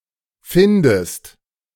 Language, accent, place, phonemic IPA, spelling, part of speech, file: German, Germany, Berlin, /ˈfɪndəst/, findest, verb, De-findest.ogg
- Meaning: inflection of finden: 1. second-person singular present 2. second-person singular subjunctive I